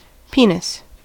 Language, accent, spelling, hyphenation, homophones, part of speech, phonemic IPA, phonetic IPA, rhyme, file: English, US, penis, pe‧nis, peaness, noun, /ˈpi.nɪs/, [ˈpʰi.nɪs], -iːnɪs, En-us-penis.ogg